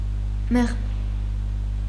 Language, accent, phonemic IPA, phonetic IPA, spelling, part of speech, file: Armenian, Eastern Armenian, /meʁm/, [meʁm], մեղմ, adjective / adverb, Hy-մեղմ.ogg
- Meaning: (adjective) soft, mild, gentle, agreeable, tranquil; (adverb) softly, mildly, gently, agreeably